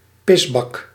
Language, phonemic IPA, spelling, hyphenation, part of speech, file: Dutch, /ˈpɪzbɑk/, pisbak, pis‧bak, noun, Nl-pisbak.ogg
- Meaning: urinal